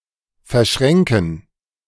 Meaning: to entangle, to cross, to fold, to interweave
- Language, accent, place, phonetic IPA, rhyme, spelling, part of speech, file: German, Germany, Berlin, [fɛɐ̯ˈʃʁɛŋkn̩], -ɛŋkn̩, verschränken, verb, De-verschränken.ogg